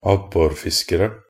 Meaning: indefinite plural of abborfisker
- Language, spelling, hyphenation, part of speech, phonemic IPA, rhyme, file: Norwegian Bokmål, abborfiskere, ab‧bor‧fis‧ke‧re, noun, /ˈabːɔrfɪskərə/, -ərə, Nb-abborfiskere.ogg